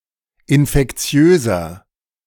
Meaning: 1. comparative degree of infektiös 2. inflection of infektiös: strong/mixed nominative masculine singular 3. inflection of infektiös: strong genitive/dative feminine singular
- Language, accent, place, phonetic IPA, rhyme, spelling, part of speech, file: German, Germany, Berlin, [ɪnfɛkˈt͡si̯øːzɐ], -øːzɐ, infektiöser, adjective, De-infektiöser.ogg